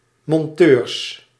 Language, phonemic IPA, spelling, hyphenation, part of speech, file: Dutch, /mɔnˈtør/, monteur, mon‧teur, noun, Nl-monteur.ogg
- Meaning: mechanic